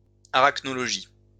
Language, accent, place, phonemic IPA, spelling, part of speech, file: French, France, Lyon, /a.ʁak.nɔ.lɔ.ʒi/, arachnologie, noun, LL-Q150 (fra)-arachnologie.wav
- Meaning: arachnology